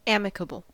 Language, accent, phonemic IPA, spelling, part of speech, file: English, US, /ˈæ.mɪ.kə.bəl/, amicable, adjective, En-us-amicable.ogg
- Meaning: Showing friendliness or goodwill